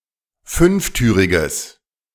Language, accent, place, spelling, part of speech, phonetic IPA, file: German, Germany, Berlin, fünftüriges, adjective, [ˈfʏnfˌtyːʁɪɡəs], De-fünftüriges.ogg
- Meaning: strong/mixed nominative/accusative neuter singular of fünftürig